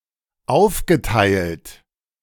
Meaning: past participle of aufteilen
- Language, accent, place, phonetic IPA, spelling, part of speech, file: German, Germany, Berlin, [ˈaʊ̯fɡəˌtaɪ̯lt], aufgeteilt, verb, De-aufgeteilt.ogg